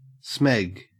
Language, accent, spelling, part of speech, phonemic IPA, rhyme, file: English, Australia, smeg, interjection / verb, /smɛɡ/, -ɛɡ, En-au-smeg.ogg
- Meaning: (interjection) Used as a swear word; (verb) To mess up